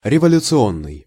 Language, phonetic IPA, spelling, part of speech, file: Russian, [rʲɪvəlʲʊt͡sɨˈonːɨj], революционный, adjective, Ru-революционный.ogg
- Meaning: revolutionary (various senses)